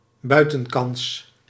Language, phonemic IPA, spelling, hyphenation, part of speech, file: Dutch, /ˈbœy̯.tə(n)ˌkɑns/, buitenkans, bui‧ten‧kans, noun, Nl-buitenkans.ogg
- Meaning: golden opportunity